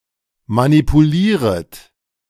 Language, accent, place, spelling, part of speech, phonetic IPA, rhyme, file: German, Germany, Berlin, manipulieret, verb, [manipuˈliːʁət], -iːʁət, De-manipulieret.ogg
- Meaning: second-person plural subjunctive I of manipulieren